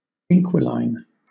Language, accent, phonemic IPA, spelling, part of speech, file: English, Southern England, /ˈɪŋkwɪlaɪn/, inquiline, noun, LL-Q1860 (eng)-inquiline.wav
- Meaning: An animal that lives commensally in the nest, burrow, gall, or dwelling place of an animal of another species